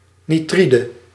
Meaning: nitride
- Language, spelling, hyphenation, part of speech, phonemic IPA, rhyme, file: Dutch, nitride, ni‧tri‧de, noun, /niˈtridə/, -idə, Nl-nitride.ogg